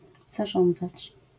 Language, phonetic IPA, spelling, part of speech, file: Polish, [zaˈʒɔ̃nd͡zat͡ɕ], zarządzać, verb, LL-Q809 (pol)-zarządzać.wav